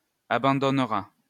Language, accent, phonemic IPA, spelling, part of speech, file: French, France, /a.bɑ̃.dɔn.ʁa/, abandonnera, verb, LL-Q150 (fra)-abandonnera.wav
- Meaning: third-person singular future of abandonner